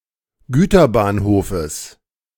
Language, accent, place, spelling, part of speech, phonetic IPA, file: German, Germany, Berlin, Güterbahnhofes, noun, [ˈɡyːtɐˌbaːnhoːfəs], De-Güterbahnhofes.ogg
- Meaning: genitive of Güterbahnhof